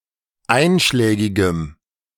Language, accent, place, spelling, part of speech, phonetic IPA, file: German, Germany, Berlin, einschlägigem, adjective, [ˈaɪ̯nʃlɛːɡɪɡəm], De-einschlägigem.ogg
- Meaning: strong dative masculine/neuter singular of einschlägig